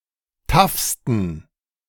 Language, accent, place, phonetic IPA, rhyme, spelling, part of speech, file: German, Germany, Berlin, [ˈtafstn̩], -afstn̩, taffsten, adjective, De-taffsten.ogg
- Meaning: 1. superlative degree of taff 2. inflection of taff: strong genitive masculine/neuter singular superlative degree